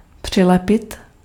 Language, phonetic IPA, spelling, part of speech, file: Czech, [ˈpr̝̊ɪlɛpɪt], přilepit, verb, Cs-přilepit.ogg
- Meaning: to glue, to stick